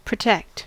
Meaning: 1. To keep safe; to defend; to guard; to prevent harm coming to 2. To book a passenger on a later flight if there is a chance they will not be able to board their earlier reserved flight
- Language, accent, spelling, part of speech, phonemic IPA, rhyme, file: English, US, protect, verb, /pɹəˈtɛkt/, -ɛkt, En-us-protect.ogg